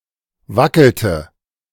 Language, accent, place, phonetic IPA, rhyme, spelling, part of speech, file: German, Germany, Berlin, [ˈvakl̩tə], -akl̩tə, wackelte, verb, De-wackelte.ogg
- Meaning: inflection of wackeln: 1. first/third-person singular preterite 2. first/third-person singular subjunctive II